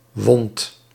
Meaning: 1. second-person (gij) singular past indicative of winden 2. inflection of wonden: second/third-person singular present indicative 3. inflection of wonden: plural imperative
- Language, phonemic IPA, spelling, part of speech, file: Dutch, /wɔnt/, wondt, verb, Nl-wondt.ogg